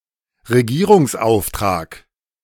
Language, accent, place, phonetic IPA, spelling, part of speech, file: German, Germany, Berlin, [ʁeˈɡiːʁʊŋsˌʔaʊ̯ftʁaːk], Regierungsauftrag, noun, De-Regierungsauftrag.ogg
- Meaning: mandate to form a government